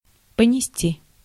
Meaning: 1. to carry (for a while; on foot) 2. to bear; to suffer (loss) 3. to become pregnant
- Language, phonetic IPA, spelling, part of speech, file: Russian, [pənʲɪˈsʲtʲi], понести, verb, Ru-понести.ogg